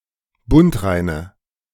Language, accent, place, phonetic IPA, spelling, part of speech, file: German, Germany, Berlin, [ˈbʊntˌʁaɪ̯nə], bundreine, adjective, De-bundreine.ogg
- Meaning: inflection of bundrein: 1. strong/mixed nominative/accusative feminine singular 2. strong nominative/accusative plural 3. weak nominative all-gender singular